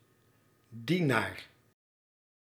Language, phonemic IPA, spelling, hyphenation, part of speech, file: Dutch, /ˈdi.naːr/, dienaar, die‧naar, noun, Nl-dienaar.ogg
- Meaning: servant